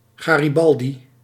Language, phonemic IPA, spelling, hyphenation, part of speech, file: Dutch, /ˌɣaː.riˈbɑl.di/, garibaldi, ga‧ri‧bal‧di, noun, Nl-garibaldi.ogg
- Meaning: 1. derby, bowler hat 2. garibaldi (fish)